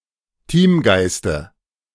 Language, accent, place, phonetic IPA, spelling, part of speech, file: German, Germany, Berlin, [ˈtiːmˌɡaɪ̯stə], Teamgeiste, noun, De-Teamgeiste.ogg
- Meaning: dative of Teamgeist